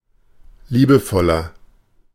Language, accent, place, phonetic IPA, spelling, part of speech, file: German, Germany, Berlin, [ˈliːbəˌfɔlɐ], liebevoller, adjective, De-liebevoller.ogg
- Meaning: 1. comparative degree of liebevoll 2. inflection of liebevoll: strong/mixed nominative masculine singular 3. inflection of liebevoll: strong genitive/dative feminine singular